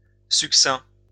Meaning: 1. succinct, concise; laconic 2. light, scanty, frugal
- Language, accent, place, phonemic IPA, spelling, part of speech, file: French, France, Lyon, /syk.sɛ̃/, succinct, adjective, LL-Q150 (fra)-succinct.wav